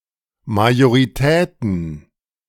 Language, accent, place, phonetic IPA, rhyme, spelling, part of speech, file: German, Germany, Berlin, [majoʁiˈtɛːtn̩], -ɛːtn̩, Majoritäten, noun, De-Majoritäten.ogg
- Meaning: plural of Majorität